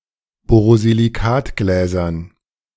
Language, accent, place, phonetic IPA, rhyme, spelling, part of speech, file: German, Germany, Berlin, [ˌboːʁoziliˈkaːtɡlɛːzɐn], -aːtɡlɛːzɐn, Borosilikatgläsern, noun, De-Borosilikatgläsern.ogg
- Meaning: dative plural of Borosilikatglas